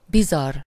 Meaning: bizarre
- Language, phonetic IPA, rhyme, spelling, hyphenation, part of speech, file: Hungarian, [ˈbizɒrː], -ɒrː, bizarr, bi‧zarr, adjective, Hu-bizarr.ogg